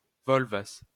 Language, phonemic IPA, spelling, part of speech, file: Esperanto, /ˈvolvas/, volvas, verb, LL-Q143 (epo)-volvas.wav